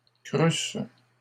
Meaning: second-person singular imperfect subjunctive of croître
- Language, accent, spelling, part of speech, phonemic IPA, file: French, Canada, crûsses, verb, /kʁys/, LL-Q150 (fra)-crûsses.wav